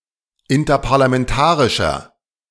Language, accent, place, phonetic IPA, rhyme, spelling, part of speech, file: German, Germany, Berlin, [ɪntɐpaʁlamɛnˈtaːʁɪʃɐ], -aːʁɪʃɐ, interparlamentarischer, adjective, De-interparlamentarischer.ogg
- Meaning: inflection of interparlamentarisch: 1. strong/mixed nominative masculine singular 2. strong genitive/dative feminine singular 3. strong genitive plural